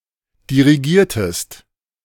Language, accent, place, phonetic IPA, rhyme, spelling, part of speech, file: German, Germany, Berlin, [diʁiˈɡiːɐ̯təst], -iːɐ̯təst, dirigiertest, verb, De-dirigiertest.ogg
- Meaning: inflection of dirigieren: 1. second-person singular preterite 2. second-person singular subjunctive II